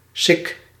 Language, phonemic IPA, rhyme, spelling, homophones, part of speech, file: Dutch, /sɪk/, -ɪk, sik, sick, noun, Nl-sik.ogg
- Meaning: 1. beard of a goat 2. a goatee or soul patch